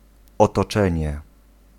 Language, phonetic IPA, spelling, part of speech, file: Polish, [ˌɔtɔˈt͡ʃɛ̃ɲɛ], otoczenie, noun, Pl-otoczenie.ogg